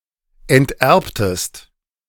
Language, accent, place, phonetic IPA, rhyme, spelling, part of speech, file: German, Germany, Berlin, [ɛntˈʔɛʁptəst], -ɛʁptəst, enterbtest, verb, De-enterbtest.ogg
- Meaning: inflection of enterben: 1. second-person singular preterite 2. second-person singular subjunctive II